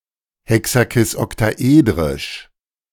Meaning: hexoctahedral, hexakisoctahedral
- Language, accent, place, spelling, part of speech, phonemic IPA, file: German, Germany, Berlin, hexakisoktaedrisch, adjective, /ˌhɛksakɪsˌɔktaˈeːdʁɪʃ/, De-hexakisoktaedrisch.ogg